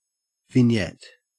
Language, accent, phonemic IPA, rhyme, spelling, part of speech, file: English, Australia, /vɪnˈjɛt/, -ɛt, vignette, noun / verb, En-au-vignette.ogg
- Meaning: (noun) A running ornament consisting of leaves and tendrils, used in Gothic architecture